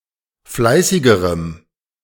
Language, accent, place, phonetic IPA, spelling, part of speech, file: German, Germany, Berlin, [ˈflaɪ̯sɪɡəʁəm], fleißigerem, adjective, De-fleißigerem.ogg
- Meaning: strong dative masculine/neuter singular comparative degree of fleißig